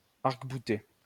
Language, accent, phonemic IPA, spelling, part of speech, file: French, France, /aʁk.bu.te/, arcbouter, verb, LL-Q150 (fra)-arcbouter.wav
- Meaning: alternative form of arc-bouter